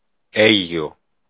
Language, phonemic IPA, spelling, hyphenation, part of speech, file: Greek, /ˈeʝio/, Αίγιο, Αί‧γι‧ο, proper noun, El-Αίγιο.ogg
- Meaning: Aigio (a town in Achaea, Greece)